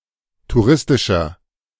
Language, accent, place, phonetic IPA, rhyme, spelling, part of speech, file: German, Germany, Berlin, [tuˈʁɪstɪʃɐ], -ɪstɪʃɐ, touristischer, adjective, De-touristischer.ogg
- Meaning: 1. comparative degree of touristisch 2. inflection of touristisch: strong/mixed nominative masculine singular 3. inflection of touristisch: strong genitive/dative feminine singular